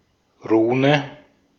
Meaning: rune (letter, or character, belonging to the written language of various ancient Germanic peoples)
- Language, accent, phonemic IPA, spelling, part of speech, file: German, Austria, /ˈʁuːnə/, Rune, noun, De-at-Rune.ogg